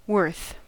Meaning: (adjective) 1. Having a value of; proper to be exchanged for 2. Deserving of 3. Valuable, worthwhile 4. Making a fair equivalent of, repaying or compensating; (noun) 1. Value 2. Merit, excellence
- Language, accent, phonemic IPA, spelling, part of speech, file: English, General American, /wɝθ/, worth, adjective / noun / verb, En-us-worth.ogg